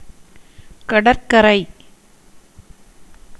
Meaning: beach, shore
- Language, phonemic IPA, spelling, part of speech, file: Tamil, /kɐɖɐrkɐɾɐɪ̯/, கடற்கரை, noun, Ta-கடற்கரை.ogg